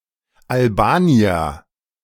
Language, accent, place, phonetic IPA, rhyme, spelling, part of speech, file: German, Germany, Berlin, [alˈbaːni̯ɐ], -aːni̯ɐ, Albanier, noun, De-Albanier.ogg
- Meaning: alternative form of Albaner